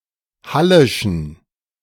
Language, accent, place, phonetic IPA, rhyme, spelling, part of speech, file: German, Germany, Berlin, [ˈhalɪʃn̩], -alɪʃn̩, hallischen, adjective, De-hallischen.ogg
- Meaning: inflection of hallisch: 1. strong genitive masculine/neuter singular 2. weak/mixed genitive/dative all-gender singular 3. strong/weak/mixed accusative masculine singular 4. strong dative plural